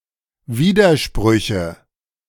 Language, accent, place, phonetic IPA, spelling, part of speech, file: German, Germany, Berlin, [ˈviːdɐˌʃpʁʏçə], Widersprüche, noun, De-Widersprüche.ogg
- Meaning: nominative/accusative/genitive plural of Widerspruch